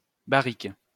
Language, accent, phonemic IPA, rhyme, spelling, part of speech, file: French, France, /ba.ʁik/, -ik, barrique, noun, LL-Q150 (fra)-barrique.wav
- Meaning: 1. barrel, cask 2. fatty, fatso